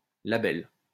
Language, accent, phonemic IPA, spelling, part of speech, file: French, France, /la.bɛl/, label, noun, LL-Q150 (fra)-label.wav
- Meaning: 1. quality label 2. record label